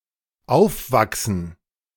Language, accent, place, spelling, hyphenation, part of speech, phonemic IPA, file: German, Germany, Berlin, aufwachsen, auf‧wach‧sen, verb, /ˈaʊ̯fˌvaksən/, De-aufwachsen.ogg
- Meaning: to grow up